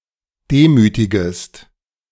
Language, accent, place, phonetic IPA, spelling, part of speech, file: German, Germany, Berlin, [ˈdeːˌmyːtɪɡəst], demütigest, verb, De-demütigest.ogg
- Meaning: second-person singular subjunctive I of demütigen